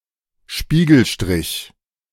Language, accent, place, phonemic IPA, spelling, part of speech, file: German, Germany, Berlin, /ˈʃpiːɡəlˌʃtrɪç/, Spiegelstrich, noun, De-Spiegelstrich.ogg
- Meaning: 1. a dash with the function to introduce an item in an unordered list 2. A division unit of a piece of law distinguished by the said sign, called in English indentation or indent